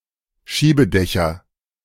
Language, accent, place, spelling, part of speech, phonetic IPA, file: German, Germany, Berlin, Schiebedächer, noun, [ˈʃiːbəˌdɛçɐ], De-Schiebedächer.ogg
- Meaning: nominative/accusative/genitive plural of Schiebedach